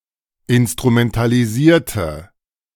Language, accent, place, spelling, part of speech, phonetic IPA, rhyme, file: German, Germany, Berlin, instrumentalisierte, adjective / verb, [ɪnstʁumɛntaliˈziːɐ̯tə], -iːɐ̯tə, De-instrumentalisierte.ogg
- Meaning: inflection of instrumentalisieren: 1. first/third-person singular preterite 2. first/third-person singular subjunctive II